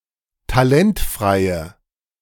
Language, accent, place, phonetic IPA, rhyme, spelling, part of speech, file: German, Germany, Berlin, [taˈlɛntfʁaɪ̯ə], -ɛntfʁaɪ̯ə, talentfreie, adjective, De-talentfreie.ogg
- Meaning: inflection of talentfrei: 1. strong/mixed nominative/accusative feminine singular 2. strong nominative/accusative plural 3. weak nominative all-gender singular